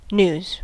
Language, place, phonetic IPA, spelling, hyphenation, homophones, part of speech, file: English, California, [nɪu̯z], news, news, gnus, noun / verb, En-us-news.ogg
- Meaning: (noun) 1. New information of interest 2. Information about current events disseminated by the media 3. Messages posted on newsgroups; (verb) To report; to make known; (noun) plural of new